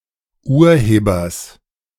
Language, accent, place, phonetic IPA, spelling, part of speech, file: German, Germany, Berlin, [ˈuːɐ̯ˌheːbɐs], Urhebers, noun, De-Urhebers.ogg
- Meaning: genitive singular of Urheber